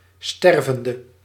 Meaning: inflection of stervend: 1. masculine/feminine singular attributive 2. definite neuter singular attributive 3. plural attributive
- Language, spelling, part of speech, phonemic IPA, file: Dutch, stervende, noun / verb / adjective, /ˈstɛrvəndə/, Nl-stervende.ogg